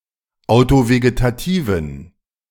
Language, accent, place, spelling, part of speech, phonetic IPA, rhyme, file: German, Germany, Berlin, autovegetativen, adjective, [aʊ̯toveɡetaˈtiːvn̩], -iːvn̩, De-autovegetativen.ogg
- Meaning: inflection of autovegetativ: 1. strong genitive masculine/neuter singular 2. weak/mixed genitive/dative all-gender singular 3. strong/weak/mixed accusative masculine singular 4. strong dative plural